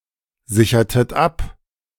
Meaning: inflection of absichern: 1. second-person plural preterite 2. second-person plural subjunctive II
- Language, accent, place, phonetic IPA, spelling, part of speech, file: German, Germany, Berlin, [ˌzɪçɐtət ˈap], sichertet ab, verb, De-sichertet ab.ogg